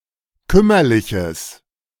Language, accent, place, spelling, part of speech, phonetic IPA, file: German, Germany, Berlin, kümmerliches, adjective, [ˈkʏmɐlɪçəs], De-kümmerliches.ogg
- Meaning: strong/mixed nominative/accusative neuter singular of kümmerlich